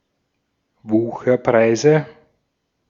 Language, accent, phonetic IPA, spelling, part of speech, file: German, Austria, [ˈvuːxɐˌpʁaɪ̯zə], Wucherpreise, noun, De-at-Wucherpreise.ogg
- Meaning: 1. nominative/accusative/genitive plural of Wucherpreis 2. dative of Wucherpreis